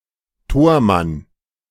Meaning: goalie, goalkeeper, goaltender
- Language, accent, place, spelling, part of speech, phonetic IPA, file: German, Germany, Berlin, Tormann, noun, [ˈtoːɐ̯ˌman], De-Tormann.ogg